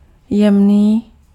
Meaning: fine, fine-grained
- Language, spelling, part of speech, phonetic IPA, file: Czech, jemný, adjective, [ˈjɛmniː], Cs-jemný.ogg